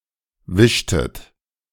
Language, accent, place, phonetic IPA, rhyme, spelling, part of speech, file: German, Germany, Berlin, [ˈvɪʃtət], -ɪʃtət, wischtet, verb, De-wischtet.ogg
- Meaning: inflection of wischen: 1. second-person plural preterite 2. second-person plural subjunctive II